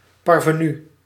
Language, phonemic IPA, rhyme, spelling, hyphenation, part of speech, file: Dutch, /ˌpɑr.vəˈny/, -y, parvenu, par‧ve‧nu, noun, Nl-parvenu.ogg
- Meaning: parvenu (a social climber not accepted by his or her new milieu, often due to crassness)